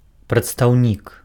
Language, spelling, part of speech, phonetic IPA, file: Belarusian, прадстаўнік, noun, [pratstau̯ˈnʲik], Be-прадстаўнік.ogg
- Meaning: representative